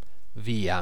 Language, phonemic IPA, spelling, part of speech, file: Italian, /ˈvia/, via, adverb / interjection / noun, It-via.ogg